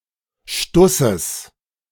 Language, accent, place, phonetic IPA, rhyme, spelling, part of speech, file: German, Germany, Berlin, [ˈʃtʊsəs], -ʊsəs, Stusses, noun, De-Stusses.ogg
- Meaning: genitive singular of Stuss